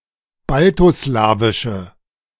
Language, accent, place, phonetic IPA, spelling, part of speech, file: German, Germany, Berlin, [ˈbaltoˌslaːvɪʃə], baltoslawische, adjective, De-baltoslawische.ogg
- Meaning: inflection of baltoslawisch: 1. strong/mixed nominative/accusative feminine singular 2. strong nominative/accusative plural 3. weak nominative all-gender singular